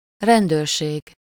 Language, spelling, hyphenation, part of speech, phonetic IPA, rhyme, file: Hungarian, rendőrség, rend‧őr‧ség, noun, [ˈrɛndøːrʃeːɡ], -eːɡ, Hu-rendőrség.ogg
- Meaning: 1. police 2. police station